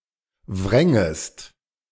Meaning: second-person singular subjunctive II of wringen
- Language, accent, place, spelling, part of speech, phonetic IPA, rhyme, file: German, Germany, Berlin, wrängest, verb, [ˈvʁɛŋəst], -ɛŋəst, De-wrängest.ogg